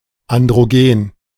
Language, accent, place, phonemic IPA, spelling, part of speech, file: German, Germany, Berlin, /andʁoˈɡeːn/, Androgen, noun, De-Androgen.ogg
- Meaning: androgen